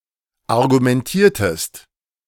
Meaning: inflection of argumentieren: 1. second-person singular preterite 2. second-person singular subjunctive II
- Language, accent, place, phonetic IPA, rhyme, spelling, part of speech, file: German, Germany, Berlin, [aʁɡumɛnˈtiːɐ̯təst], -iːɐ̯təst, argumentiertest, verb, De-argumentiertest.ogg